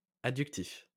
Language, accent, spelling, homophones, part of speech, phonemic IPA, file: French, France, adductif, adductifs, adjective, /a.dyk.tif/, LL-Q150 (fra)-adductif.wav
- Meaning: adductive